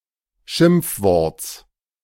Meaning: genitive singular of Schimpfwort
- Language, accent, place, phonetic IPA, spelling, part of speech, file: German, Germany, Berlin, [ˈʃɪmp͡fˌvɔʁt͡s], Schimpfworts, noun, De-Schimpfworts.ogg